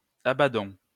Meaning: inflection of abader: 1. first-person plural present indicative 2. first-person plural imperative
- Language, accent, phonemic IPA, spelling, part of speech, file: French, France, /a.ba.dɔ̃/, abadons, verb, LL-Q150 (fra)-abadons.wav